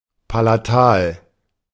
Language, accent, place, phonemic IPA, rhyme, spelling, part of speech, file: German, Germany, Berlin, /palaˈtaːl/, -aːl, palatal, adjective, De-palatal.ogg
- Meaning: palatal